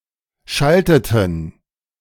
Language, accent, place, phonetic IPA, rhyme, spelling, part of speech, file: German, Germany, Berlin, [ˈʃaltətn̩], -altətn̩, schalteten, verb, De-schalteten.ogg
- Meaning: inflection of schalten: 1. first/third-person plural preterite 2. first/third-person plural subjunctive II